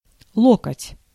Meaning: 1. elbow 2. cubit, ell
- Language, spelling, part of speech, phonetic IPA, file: Russian, локоть, noun, [ˈɫokətʲ], Ru-локоть.ogg